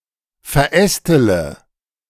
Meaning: inflection of verästeln: 1. first-person singular present 2. first-person plural subjunctive I 3. third-person singular subjunctive I 4. singular imperative
- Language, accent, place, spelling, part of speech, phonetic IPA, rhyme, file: German, Germany, Berlin, verästele, verb, [fɛɐ̯ˈʔɛstələ], -ɛstələ, De-verästele.ogg